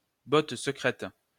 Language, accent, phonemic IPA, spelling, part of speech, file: French, France, /bɔt sə.kʁɛt/, botte secrète, noun, LL-Q150 (fra)-botte secrète.wav
- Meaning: secret weapon